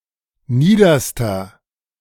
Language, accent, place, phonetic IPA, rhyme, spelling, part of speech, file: German, Germany, Berlin, [ˈniːdɐstɐ], -iːdɐstɐ, niederster, adjective, De-niederster.ogg
- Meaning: inflection of nieder: 1. strong/mixed nominative masculine singular superlative degree 2. strong genitive/dative feminine singular superlative degree 3. strong genitive plural superlative degree